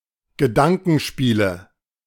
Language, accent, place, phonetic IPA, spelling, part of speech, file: German, Germany, Berlin, [ɡəˈdaŋkn̩ˌʃpiːlə], Gedankenspiele, noun, De-Gedankenspiele.ogg
- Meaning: nominative/accusative/genitive plural of Gedankenspiel